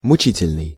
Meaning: grievous, painful (causing grief, pain or sorrow)
- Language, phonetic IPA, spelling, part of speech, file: Russian, [mʊˈt͡ɕitʲɪlʲnɨj], мучительный, adjective, Ru-мучительный.ogg